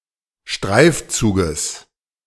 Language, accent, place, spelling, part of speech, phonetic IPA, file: German, Germany, Berlin, Streifzuges, noun, [ˈʃtʁaɪ̯fˌt͡suːɡəs], De-Streifzuges.ogg
- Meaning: genitive singular of Streifzug